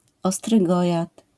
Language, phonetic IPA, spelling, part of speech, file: Polish, [ˌɔstrɨˈɡɔjat], ostrygojad, noun, LL-Q809 (pol)-ostrygojad.wav